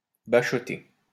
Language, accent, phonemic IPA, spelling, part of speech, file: French, France, /ba.ʃɔ.te/, bachoter, verb, LL-Q150 (fra)-bachoter.wav
- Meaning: to cram (revise hard for an exam, especially for a baccalauréat exam)